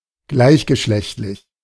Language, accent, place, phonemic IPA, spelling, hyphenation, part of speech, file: German, Germany, Berlin, /ˈɡlaɪ̯çɡəˌʃlɛçtlɪç/, gleichgeschlechtlich, gleich‧ge‧schlecht‧lich, adjective, De-gleichgeschlechtlich.ogg
- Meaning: same-sex, homosexual